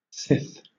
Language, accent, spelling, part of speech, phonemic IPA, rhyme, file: English, Southern England, sith, conjunction, /sɪθ/, -ɪθ, LL-Q1860 (eng)-sith.wav
- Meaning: Archaic form of since